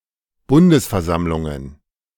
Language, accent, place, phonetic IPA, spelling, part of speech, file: German, Germany, Berlin, [ˈbʊndəsfɛɐ̯ˌzamlʊŋən], Bundesversammlungen, noun, De-Bundesversammlungen.ogg
- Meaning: plural of Bundesversammlung